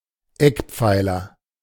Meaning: 1. pillar (in the corner of a room) 2. cornerstone (all senses)
- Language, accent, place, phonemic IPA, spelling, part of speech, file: German, Germany, Berlin, /ˈɛkˌpfaɪ̯lɐ/, Eckpfeiler, noun, De-Eckpfeiler.ogg